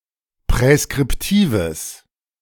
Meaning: strong/mixed nominative/accusative neuter singular of präskriptiv
- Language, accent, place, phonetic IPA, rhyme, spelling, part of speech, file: German, Germany, Berlin, [pʁɛskʁɪpˈtiːvəs], -iːvəs, präskriptives, adjective, De-präskriptives.ogg